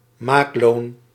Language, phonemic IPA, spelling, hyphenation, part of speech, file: Dutch, /ˈmaːk.loːn/, maakloon, maak‧loon, noun, Nl-maakloon.ogg
- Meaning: the wages charged for production, usually charged by an artisan such as a tailor, i.e. labour costs as opposed to the material costs